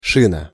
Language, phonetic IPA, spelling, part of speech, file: Russian, [ˈʂɨnə], шина, noun, Ru-шина.ogg
- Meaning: 1. tire/tyre 2. splint 3. bus (electrical conductor)